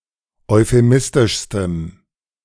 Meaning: strong dative masculine/neuter singular superlative degree of euphemistisch
- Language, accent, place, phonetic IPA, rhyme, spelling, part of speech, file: German, Germany, Berlin, [ɔɪ̯feˈmɪstɪʃstəm], -ɪstɪʃstəm, euphemistischstem, adjective, De-euphemistischstem.ogg